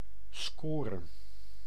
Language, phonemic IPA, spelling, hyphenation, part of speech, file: Dutch, /ˈskoː.rə/, score, sco‧re, noun, Nl-score.ogg
- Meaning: score (number of points earned)